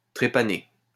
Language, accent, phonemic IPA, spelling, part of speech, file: French, France, /tʁe.pa.ne/, trépaner, verb, LL-Q150 (fra)-trépaner.wav
- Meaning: to trepan